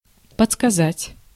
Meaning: 1. to tell (to help by telling, often discreetly), to prompt (to), to suggest (to) 2. to kibitz
- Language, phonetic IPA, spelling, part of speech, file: Russian, [pət͡sskɐˈzatʲ], подсказать, verb, Ru-подсказать.ogg